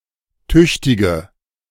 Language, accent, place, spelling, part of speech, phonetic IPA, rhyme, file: German, Germany, Berlin, tüchtige, adjective, [ˈtʏçtɪɡə], -ʏçtɪɡə, De-tüchtige.ogg
- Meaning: inflection of tüchtig: 1. strong/mixed nominative/accusative feminine singular 2. strong nominative/accusative plural 3. weak nominative all-gender singular 4. weak accusative feminine/neuter singular